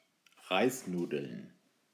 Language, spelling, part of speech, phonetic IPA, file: German, Reisnudeln, noun, [ˈʁaɪ̯sˌnuːdl̩n], De-Reisnudeln.ogg
- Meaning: plural of Reisnudel